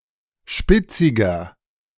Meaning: 1. comparative degree of spitzig 2. inflection of spitzig: strong/mixed nominative masculine singular 3. inflection of spitzig: strong genitive/dative feminine singular
- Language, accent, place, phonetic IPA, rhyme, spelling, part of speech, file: German, Germany, Berlin, [ˈʃpɪt͡sɪɡɐ], -ɪt͡sɪɡɐ, spitziger, adjective, De-spitziger.ogg